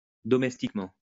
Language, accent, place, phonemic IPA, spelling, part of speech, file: French, France, Lyon, /dɔ.mɛs.tik.mɑ̃/, domestiquement, adverb, LL-Q150 (fra)-domestiquement.wav
- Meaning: domestically